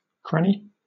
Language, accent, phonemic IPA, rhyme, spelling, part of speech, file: English, Southern England, /ˈkɹæni/, -æni, cranny, noun / verb, LL-Q1860 (eng)-cranny.wav
- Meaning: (noun) 1. A small, narrow opening, fissure, crevice, or chink, as in a wall, or other substance 2. A tool for forming the necks of bottles, etc; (verb) To break into, or become full of, crannies